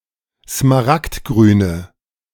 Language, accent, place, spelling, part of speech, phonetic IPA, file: German, Germany, Berlin, smaragdgrüne, adjective, [smaˈʁaktˌɡʁyːnə], De-smaragdgrüne.ogg
- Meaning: inflection of smaragdgrün: 1. strong/mixed nominative/accusative feminine singular 2. strong nominative/accusative plural 3. weak nominative all-gender singular